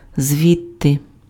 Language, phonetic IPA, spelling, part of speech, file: Ukrainian, [ˈzʲʋʲidte], звідти, adverb, Uk-звідти.ogg
- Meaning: from there, thence